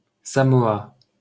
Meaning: 1. Samoa (a country in Polynesia) 2. Samoa (an archipelago of Polynesia)
- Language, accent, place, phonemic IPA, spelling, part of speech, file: French, France, Paris, /sa.mɔ.a/, Samoa, proper noun, LL-Q150 (fra)-Samoa.wav